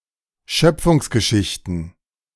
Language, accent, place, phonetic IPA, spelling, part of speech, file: German, Germany, Berlin, [ˈʃœp͡fʊŋsɡəˌʃɪçtn̩], Schöpfungsgeschichten, noun, De-Schöpfungsgeschichten.ogg
- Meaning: plural of Schöpfungsgeschichte